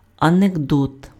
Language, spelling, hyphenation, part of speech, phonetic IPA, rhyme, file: Ukrainian, анекдот, анек‧дот, noun, [ɐneɡˈdɔt], -ɔt, Uk-анекдот.ogg
- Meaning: anecdote